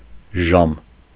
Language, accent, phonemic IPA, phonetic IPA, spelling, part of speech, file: Armenian, Eastern Armenian, /ʒɑm/, [ʒɑm], ժամ, noun, Hy-ժամ.ogg
- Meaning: 1. hour 2. time 3. watch 4. divine service 5. church